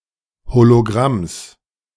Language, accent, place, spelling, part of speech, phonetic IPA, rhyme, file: German, Germany, Berlin, Hologramms, noun, [holoˈɡʁams], -ams, De-Hologramms.ogg
- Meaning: genitive singular of Hologramm